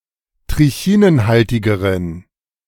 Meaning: inflection of trichinenhaltig: 1. strong genitive masculine/neuter singular comparative degree 2. weak/mixed genitive/dative all-gender singular comparative degree
- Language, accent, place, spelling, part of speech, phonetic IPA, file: German, Germany, Berlin, trichinenhaltigeren, adjective, [tʁɪˈçiːnənˌhaltɪɡəʁən], De-trichinenhaltigeren.ogg